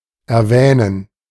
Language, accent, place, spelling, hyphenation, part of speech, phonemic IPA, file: German, Germany, Berlin, erwähnen, er‧wäh‧nen, verb, /ɛrˈvɛːnən/, De-erwähnen.ogg
- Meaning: to mention [with accusative or (archaic) genitive ‘something’] (speak of something)